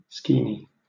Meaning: An element of ancient Greek theater: the structure at the back of the stage
- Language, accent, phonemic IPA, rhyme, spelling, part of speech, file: English, Southern England, /ˈskiːni/, -iːni, skene, noun, LL-Q1860 (eng)-skene.wav